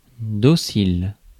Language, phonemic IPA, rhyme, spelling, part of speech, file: French, /dɔ.sil/, -il, docile, adjective, Fr-docile.ogg
- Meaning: docile